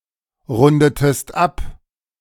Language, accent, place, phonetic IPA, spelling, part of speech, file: German, Germany, Berlin, [ˌʁʊndətəst ˈap], rundetest ab, verb, De-rundetest ab.ogg
- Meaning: inflection of abrunden: 1. second-person singular preterite 2. second-person singular subjunctive II